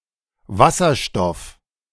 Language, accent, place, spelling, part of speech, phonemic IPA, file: German, Germany, Berlin, Wasserstoff, noun, /ˈvasɐʃtɔf/, De-Wasserstoff.ogg
- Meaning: hydrogen; the lightest and most common element in the universe with the atomic number 1